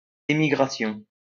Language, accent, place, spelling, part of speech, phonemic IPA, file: French, France, Lyon, émigration, noun, /e.mi.ɡʁa.sjɔ̃/, LL-Q150 (fra)-émigration.wav
- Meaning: emigration